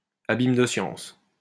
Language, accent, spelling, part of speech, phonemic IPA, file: French, France, abîme de science, noun, /a.bim də sjɑ̃s/, LL-Q150 (fra)-abîme de science.wav
- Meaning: a fount of knowledge (a very knowledgeable person)